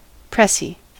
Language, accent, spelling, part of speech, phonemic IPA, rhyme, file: English, US, pressie, noun, /ˈpɹɛsi/, -ɛsi, En-us-pressie.ogg
- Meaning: A press conference or press briefing